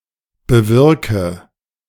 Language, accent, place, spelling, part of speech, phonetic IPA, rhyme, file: German, Germany, Berlin, bewirke, verb, [bəˈvɪʁkə], -ɪʁkə, De-bewirke.ogg
- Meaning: inflection of bewirken: 1. first-person singular present 2. first/third-person singular subjunctive I 3. singular imperative